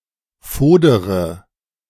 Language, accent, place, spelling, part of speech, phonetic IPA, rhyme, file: German, Germany, Berlin, fodere, verb, [ˈfoːdəʁə], -oːdəʁə, De-fodere.ogg
- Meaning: inflection of fodern: 1. first-person singular present 2. first-person plural subjunctive I 3. third-person singular subjunctive I 4. singular imperative